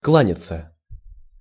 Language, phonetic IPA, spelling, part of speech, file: Russian, [ˈkɫanʲɪt͡sə], кланяться, verb, Ru-кланяться.ogg
- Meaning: 1. to bow (to, before), to greet (to bend oneself as a gesture of respect or deference) 2. to give/send regards to someone 3. to cringe (before); to humiliate oneself (before); to humbly beg